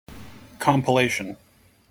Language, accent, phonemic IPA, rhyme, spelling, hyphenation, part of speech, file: English, General American, /ˌkɑmpəˈleɪʃən/, -eɪʃən, compellation, com‧pel‧lat‧ion, noun, En-us-compellation.mp3
- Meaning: 1. An act of addressing a person by a certain name or title 2. A name or title by which someone is addressed or identified; an appellation, a designation